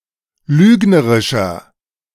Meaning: 1. comparative degree of lügnerisch 2. inflection of lügnerisch: strong/mixed nominative masculine singular 3. inflection of lügnerisch: strong genitive/dative feminine singular
- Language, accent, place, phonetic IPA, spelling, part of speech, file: German, Germany, Berlin, [ˈlyːɡnəʁɪʃɐ], lügnerischer, adjective, De-lügnerischer.ogg